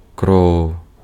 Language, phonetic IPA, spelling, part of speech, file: Ukrainian, [krɔu̯], кров, noun, Uk-кров.ogg
- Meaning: blood